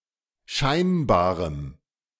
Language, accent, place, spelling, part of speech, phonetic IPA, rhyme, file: German, Germany, Berlin, scheinbarem, adjective, [ˈʃaɪ̯nbaːʁəm], -aɪ̯nbaːʁəm, De-scheinbarem.ogg
- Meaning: strong dative masculine/neuter singular of scheinbar